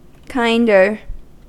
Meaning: comparative form of kind: more kind
- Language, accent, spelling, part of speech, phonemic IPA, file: English, US, kinder, adjective, /ˈkaɪndɚ/, En-us-kinder.ogg